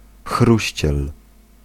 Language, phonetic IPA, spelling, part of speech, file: Polish, [ˈxruɕt͡ɕɛl], chruściel, noun, Pl-chruściel.ogg